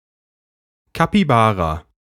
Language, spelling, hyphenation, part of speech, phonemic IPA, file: German, Capybara, Ca‧py‧ba‧ra, noun, /kapiˈbaːʁa/, De-Capybara.ogg
- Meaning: capybara (Hydrochoerus hydrochaeris)